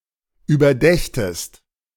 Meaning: second-person singular subjunctive II of überdenken
- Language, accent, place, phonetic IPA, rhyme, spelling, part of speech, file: German, Germany, Berlin, [yːbɐˈdɛçtəst], -ɛçtəst, überdächtest, verb, De-überdächtest.ogg